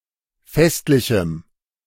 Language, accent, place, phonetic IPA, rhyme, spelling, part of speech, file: German, Germany, Berlin, [ˈfɛstlɪçm̩], -ɛstlɪçm̩, festlichem, adjective, De-festlichem.ogg
- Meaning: strong dative masculine/neuter singular of festlich